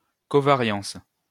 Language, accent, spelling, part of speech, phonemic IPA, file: French, France, covariance, noun, /kɔ.va.ʁjɑ̃s/, LL-Q150 (fra)-covariance.wav
- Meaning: covariance